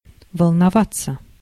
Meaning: 1. to worry, to be upset, to be agitated 2. to ripple, to be rough (waves), to billow, to surge 3. passive of волнова́ть (volnovátʹ)
- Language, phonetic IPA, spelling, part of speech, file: Russian, [vəɫnɐˈvat͡sːə], волноваться, verb, Ru-волноваться.ogg